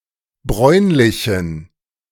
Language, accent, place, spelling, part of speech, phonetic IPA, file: German, Germany, Berlin, bräunlichen, adjective, [ˈbʁɔɪ̯nlɪçn̩], De-bräunlichen.ogg
- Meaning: inflection of bräunlich: 1. strong genitive masculine/neuter singular 2. weak/mixed genitive/dative all-gender singular 3. strong/weak/mixed accusative masculine singular 4. strong dative plural